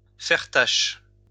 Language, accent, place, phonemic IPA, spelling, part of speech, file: French, France, Lyon, /fɛʁ taʃ/, faire tache, verb, LL-Q150 (fra)-faire tache.wav
- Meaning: to not belong; to stand out awkwardly, to stick out like a sore thumb